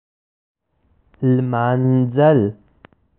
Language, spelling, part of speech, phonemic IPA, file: Pashto, لمانځل, verb, /lmɑn.d͡zəl/, لمانځل.ogg
- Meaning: to celebrate